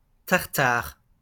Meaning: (proper noun) Tartarus (a dark and gloomy part of the realm of Hades, reserved for the damned and the wicked, such as the Titans; an equivalent of hell in Greek and Roman mythology)
- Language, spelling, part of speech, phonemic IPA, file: French, Tartare, proper noun / noun, /taʁ.taʁ/, LL-Q150 (fra)-Tartare.wav